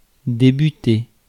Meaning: 1. to start 2. to debut, to make one's debut
- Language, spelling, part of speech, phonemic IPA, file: French, débuter, verb, /de.by.te/, Fr-débuter.ogg